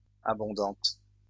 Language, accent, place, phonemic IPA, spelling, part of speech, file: French, France, Lyon, /a.bɔ̃.dɑ̃t/, abondantes, adjective, LL-Q150 (fra)-abondantes.wav
- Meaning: feminine plural of abondant